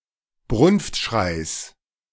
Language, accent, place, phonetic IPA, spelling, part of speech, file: German, Germany, Berlin, [ˈbʁʊnftˌʃʁaɪ̯s], Brunftschreis, noun, De-Brunftschreis.ogg
- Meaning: genitive singular of Brunftschrei